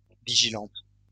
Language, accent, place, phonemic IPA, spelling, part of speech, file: French, France, Lyon, /vi.ʒi.lɑ̃t/, vigilante, adjective, LL-Q150 (fra)-vigilante.wav
- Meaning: feminine singular of vigilant